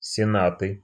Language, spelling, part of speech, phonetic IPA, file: Russian, сенаты, noun, [sʲɪˈnatɨ], Ru-сенаты.ogg
- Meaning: nominative/accusative plural of сена́т (senát)